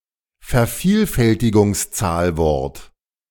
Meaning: multiplicative number
- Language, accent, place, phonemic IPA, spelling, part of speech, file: German, Germany, Berlin, /fɛɐ̯ˈfiːlfɛltɪɡʊŋˌt͡saːlvɔrt/, Vervielfältigungszahlwort, noun, De-Vervielfältigungszahlwort.ogg